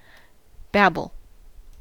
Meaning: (verb) 1. To utter words indistinctly or unintelligibly; to utter inarticulate sounds 2. To talk incoherently; to utter meaningless words 3. To talk too much; to chatter; to prattle
- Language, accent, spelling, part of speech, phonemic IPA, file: English, US, babble, verb / noun, /ˈbæb.(ə)l/, En-us-babble.ogg